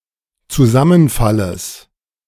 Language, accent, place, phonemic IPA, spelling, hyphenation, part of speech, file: German, Germany, Berlin, /t͡suˈzamənˌfaləs/, Zusammenfalles, Zu‧sam‧men‧fal‧les, noun, De-Zusammenfalles.ogg
- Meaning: genitive singular of Zusammenfall